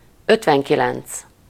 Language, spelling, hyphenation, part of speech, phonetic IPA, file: Hungarian, ötvenkilenc, öt‧ven‧ki‧lenc, numeral, [ˈøtvɛŋkilɛnt͡s], Hu-ötvenkilenc.ogg
- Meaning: fifty-nine